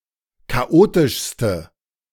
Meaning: inflection of chaotisch: 1. strong/mixed nominative/accusative feminine singular superlative degree 2. strong nominative/accusative plural superlative degree
- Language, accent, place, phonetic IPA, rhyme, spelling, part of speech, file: German, Germany, Berlin, [kaˈʔoːtɪʃstə], -oːtɪʃstə, chaotischste, adjective, De-chaotischste.ogg